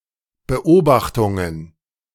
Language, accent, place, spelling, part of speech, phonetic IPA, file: German, Germany, Berlin, Beobachtungen, noun, [bəˈʔoːbaxtʊŋən], De-Beobachtungen.ogg
- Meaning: plural of Beobachtung